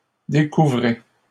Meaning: inflection of découvrir: 1. second-person plural present indicative 2. second-person plural imperative
- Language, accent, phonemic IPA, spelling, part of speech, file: French, Canada, /de.ku.vʁe/, découvrez, verb, LL-Q150 (fra)-découvrez.wav